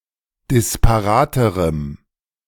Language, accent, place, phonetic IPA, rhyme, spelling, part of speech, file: German, Germany, Berlin, [dɪspaˈʁaːtəʁəm], -aːtəʁəm, disparaterem, adjective, De-disparaterem.ogg
- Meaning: strong dative masculine/neuter singular comparative degree of disparat